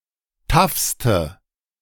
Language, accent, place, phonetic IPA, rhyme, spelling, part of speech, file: German, Germany, Berlin, [ˈtafstə], -afstə, taffste, adjective, De-taffste.ogg
- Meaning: inflection of taff: 1. strong/mixed nominative/accusative feminine singular superlative degree 2. strong nominative/accusative plural superlative degree